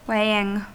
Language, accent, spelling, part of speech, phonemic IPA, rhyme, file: English, US, weighing, verb / adjective / noun, /ˈweɪ.ɪŋ/, -eɪɪŋ, En-us-weighing.ogg
- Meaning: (verb) present participle and gerund of weigh; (adjective) That weighs or burdens; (noun) The process by which something is weighed